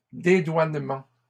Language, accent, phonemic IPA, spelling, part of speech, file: French, Canada, /de.dwan.mɑ̃/, dédouanements, noun, LL-Q150 (fra)-dédouanements.wav
- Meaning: plural of dédouanement